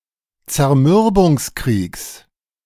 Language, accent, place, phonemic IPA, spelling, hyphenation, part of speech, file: German, Germany, Berlin, /t͡sɛɐ̯ˈmʏʁbʊŋsˌkʁiːks/, Zermürbungskriegs, Zer‧mür‧bungs‧kriegs, noun, De-Zermürbungskriegs.ogg
- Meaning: genitive singular of Zermürbungskrieg